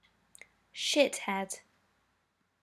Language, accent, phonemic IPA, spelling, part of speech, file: English, UK, /ˈʃɪt.hɛd/, shithead, noun, En-uk-shithead.ogg
- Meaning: 1. A stupid or contemptible person 2. A card game, the aim of which is to lose one's cards 3. A person who uses the drug cannabis